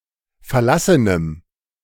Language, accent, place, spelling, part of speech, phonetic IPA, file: German, Germany, Berlin, verlassenem, adjective, [fɛɐ̯ˈlasənəm], De-verlassenem.ogg
- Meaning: strong dative masculine/neuter singular of verlassen